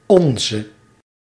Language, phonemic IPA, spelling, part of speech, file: Dutch, /ˈɔnzə/, onze, determiner / pronoun, Nl-onze.ogg
- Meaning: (determiner) 1. masculine/feminine singular attributive of ons 2. plural attributive of ons; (pronoun) non-attributive form of ons; ours